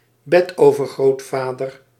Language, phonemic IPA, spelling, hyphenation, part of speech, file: Dutch, /ˈbɛ.toː.vər.ɣroːtˌfaː.dər/, betovergrootvader, be‧tover‧groot‧va‧der, noun, Nl-betovergrootvader.ogg
- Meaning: great-great-grandfather